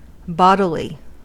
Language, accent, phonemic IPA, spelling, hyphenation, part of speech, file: English, US, /ˈbɑdɪli/, bodily, bod‧i‧ly, adjective / adverb, En-us-bodily.ogg
- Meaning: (adjective) 1. Of, relating to, or concerning the body 2. Having a body or material form; physical; corporeal 3. Real; actual; put into execution; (adverb) In bodily form; physically, corporally